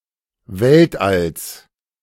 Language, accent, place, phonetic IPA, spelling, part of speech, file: German, Germany, Berlin, [ˈvɛltʔals], Weltalls, noun, De-Weltalls.ogg
- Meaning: genitive singular of Weltall